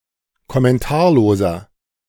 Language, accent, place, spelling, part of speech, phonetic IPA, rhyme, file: German, Germany, Berlin, kommentarloser, adjective, [kɔmɛnˈtaːɐ̯loːzɐ], -aːɐ̯loːzɐ, De-kommentarloser.ogg
- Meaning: inflection of kommentarlos: 1. strong/mixed nominative masculine singular 2. strong genitive/dative feminine singular 3. strong genitive plural